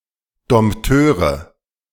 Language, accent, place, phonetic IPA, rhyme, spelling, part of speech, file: German, Germany, Berlin, [dɔmpˈtøːʁə], -øːʁə, Dompteure, noun, De-Dompteure.ogg
- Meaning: nominative/accusative/genitive plural of Dompteur